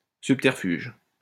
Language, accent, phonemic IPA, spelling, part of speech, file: French, France, /syp.tɛʁ.fyʒ/, subterfuge, noun, LL-Q150 (fra)-subterfuge.wav
- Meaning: subterfuge